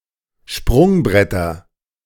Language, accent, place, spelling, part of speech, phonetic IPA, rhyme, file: German, Germany, Berlin, Sprungbretter, noun, [ˈʃpʁʊŋˌbʁɛtɐ], -ʊŋbʁɛtɐ, De-Sprungbretter.ogg
- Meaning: nominative/accusative/genitive plural of Sprungbrett